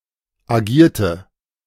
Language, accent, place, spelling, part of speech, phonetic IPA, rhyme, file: German, Germany, Berlin, agierte, verb, [aˈɡiːɐ̯tə], -iːɐ̯tə, De-agierte.ogg
- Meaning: inflection of agieren: 1. first/third-person singular preterite 2. first/third-person singular subjunctive II